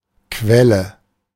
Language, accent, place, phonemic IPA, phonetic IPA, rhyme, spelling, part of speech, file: German, Germany, Berlin, /ˈkvɛlə/, [ˈkʋɛlə], -ɛlə, Quelle, noun, De-Quelle.ogg
- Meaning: 1. spring 2. well (oil, gas) 3. source